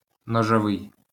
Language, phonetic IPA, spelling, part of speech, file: Ukrainian, [nɔʒɔˈʋɪi̯], ножовий, adjective, LL-Q8798 (ukr)-ножовий.wav
- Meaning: knife (attributive)